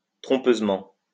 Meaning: 1. deceitfully 2. misleadingly
- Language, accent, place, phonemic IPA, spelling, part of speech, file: French, France, Lyon, /tʁɔ̃.pøz.mɑ̃/, trompeusement, adverb, LL-Q150 (fra)-trompeusement.wav